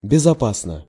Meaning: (adverb) safely (in a safe manner); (adjective) short neuter singular of безопа́сный (bezopásnyj)
- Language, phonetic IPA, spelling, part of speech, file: Russian, [bʲɪzɐˈpasnə], безопасно, adverb / adjective, Ru-безопасно.ogg